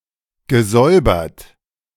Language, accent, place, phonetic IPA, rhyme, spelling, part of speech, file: German, Germany, Berlin, [ɡəˈzɔɪ̯bɐt], -ɔɪ̯bɐt, gesäubert, verb, De-gesäubert.ogg
- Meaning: past participle of säubern